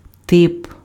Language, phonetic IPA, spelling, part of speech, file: Ukrainian, [tɪp], тип, noun, Uk-тип.ogg
- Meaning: 1. type 2. guy, fellow, character